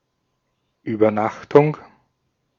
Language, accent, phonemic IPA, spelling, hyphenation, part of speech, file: German, Austria, /ˌʔyːbɐˈnaxtʊŋ/, Übernachtung, Über‧nach‧tung, noun, De-at-Übernachtung.ogg
- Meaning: 1. overnight stay (at a hotel etc.) 2. sleepover